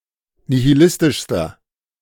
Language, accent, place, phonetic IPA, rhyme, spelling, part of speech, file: German, Germany, Berlin, [nihiˈlɪstɪʃstɐ], -ɪstɪʃstɐ, nihilistischster, adjective, De-nihilistischster.ogg
- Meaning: inflection of nihilistisch: 1. strong/mixed nominative masculine singular superlative degree 2. strong genitive/dative feminine singular superlative degree 3. strong genitive plural superlative degree